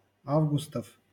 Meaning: genitive plural of а́вгуст (ávgust)
- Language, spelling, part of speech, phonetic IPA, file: Russian, августов, noun, [ˈavɡʊstəf], LL-Q7737 (rus)-августов.wav